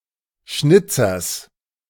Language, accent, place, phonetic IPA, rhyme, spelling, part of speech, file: German, Germany, Berlin, [ˈʃnɪt͡sɐs], -ɪt͡sɐs, Schnitzers, noun, De-Schnitzers.ogg
- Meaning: genitive singular of Schnitzer